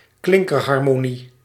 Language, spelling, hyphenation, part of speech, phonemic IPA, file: Dutch, klinkerharmonie, klin‧ker‧har‧mo‧nie, noun, /ˈklɪŋ.kər.ɦɑr.moːˌni/, Nl-klinkerharmonie.ogg
- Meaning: vowel harmony